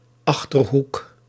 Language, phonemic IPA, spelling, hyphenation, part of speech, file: Dutch, /ˈɑx.tərˌɦuk/, Achterhoek, Ach‧ter‧hoek, proper noun, Nl-Achterhoek.ogg
- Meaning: 1. a region in the easternmost part of Gelderland, in the eastern Netherlands 2. a hamlet in Nijkerk, Gelderland, Netherlands 3. a hamlet in Rucphen, North Brabant, Netherlands